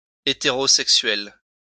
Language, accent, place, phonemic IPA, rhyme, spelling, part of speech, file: French, France, Lyon, /e.te.ʁo.sɛk.sɥɛl/, -ɥɛl, hétérosexuel, adjective / noun, LL-Q150 (fra)-hétérosexuel.wav
- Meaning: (adjective) heterosexual